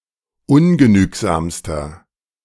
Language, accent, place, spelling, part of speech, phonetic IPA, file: German, Germany, Berlin, ungenügsamster, adjective, [ˈʊnɡəˌnyːkzaːmstɐ], De-ungenügsamster.ogg
- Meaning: inflection of ungenügsam: 1. strong/mixed nominative masculine singular superlative degree 2. strong genitive/dative feminine singular superlative degree 3. strong genitive plural superlative degree